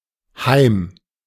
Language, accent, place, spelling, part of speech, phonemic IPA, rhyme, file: German, Germany, Berlin, heim, adverb, /haɪ̯m/, -aɪ̯m, De-heim.ogg
- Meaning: home, to the house; always as a direction, thus never in the sense of at home